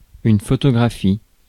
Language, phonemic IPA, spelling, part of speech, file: French, /fɔ.tɔ.ɡʁa.fi/, photographie, noun, Fr-photographie.ogg
- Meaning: 1. photography 2. photograph